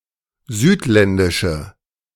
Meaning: inflection of südländisch: 1. strong/mixed nominative/accusative feminine singular 2. strong nominative/accusative plural 3. weak nominative all-gender singular
- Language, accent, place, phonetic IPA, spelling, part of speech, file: German, Germany, Berlin, [ˈzyːtˌlɛndɪʃə], südländische, adjective, De-südländische.ogg